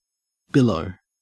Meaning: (noun) A large wave, swell, surge, or undulating mass of something, such as water, smoke, fabric or sound; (verb) 1. To surge or roll in billows 2. To swell out or bulge
- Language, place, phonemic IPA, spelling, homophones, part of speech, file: English, Queensland, /ˈbɪl.əʉ/, billow, below, noun / verb, En-au-billow.ogg